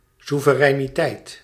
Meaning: sovereignty
- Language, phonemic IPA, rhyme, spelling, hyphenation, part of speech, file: Dutch, /su.vəˌrɛi̯.niˈtɛi̯t/, -ɛi̯t, soevereiniteit, soe‧ve‧rei‧ni‧teit, noun, Nl-soevereiniteit.ogg